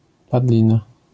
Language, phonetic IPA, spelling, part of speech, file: Polish, [paˈdlʲĩna], padlina, noun, LL-Q809 (pol)-padlina.wav